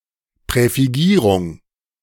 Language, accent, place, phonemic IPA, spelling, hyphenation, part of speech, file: German, Germany, Berlin, /pʁɛfiˈɡiːʁʊŋ/, Präfigierung, Prä‧fi‧gie‧rung, noun, De-Präfigierung.ogg
- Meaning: prefixation